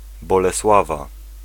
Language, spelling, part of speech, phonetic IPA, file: Polish, Bolesława, proper noun / noun, [ˌbɔlɛˈswava], Pl-Bolesława.ogg